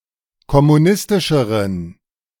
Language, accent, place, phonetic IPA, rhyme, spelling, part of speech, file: German, Germany, Berlin, [kɔmuˈnɪstɪʃəʁən], -ɪstɪʃəʁən, kommunistischeren, adjective, De-kommunistischeren.ogg
- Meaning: inflection of kommunistisch: 1. strong genitive masculine/neuter singular comparative degree 2. weak/mixed genitive/dative all-gender singular comparative degree